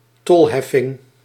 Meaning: 1. levying of tolls, collecting of tolls 2. toll charge
- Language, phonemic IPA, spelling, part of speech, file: Dutch, /ˈtɔlɦɛfɪŋ/, tolheffing, noun, Nl-tolheffing.ogg